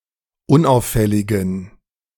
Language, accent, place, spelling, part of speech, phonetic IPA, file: German, Germany, Berlin, unauffälligen, adjective, [ˈʊnˌʔaʊ̯fɛlɪɡn̩], De-unauffälligen.ogg
- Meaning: inflection of unauffällig: 1. strong genitive masculine/neuter singular 2. weak/mixed genitive/dative all-gender singular 3. strong/weak/mixed accusative masculine singular 4. strong dative plural